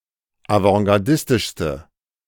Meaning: inflection of avantgardistisch: 1. strong/mixed nominative/accusative feminine singular superlative degree 2. strong nominative/accusative plural superlative degree
- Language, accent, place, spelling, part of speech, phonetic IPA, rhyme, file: German, Germany, Berlin, avantgardistischste, adjective, [avɑ̃ɡaʁˈdɪstɪʃstə], -ɪstɪʃstə, De-avantgardistischste.ogg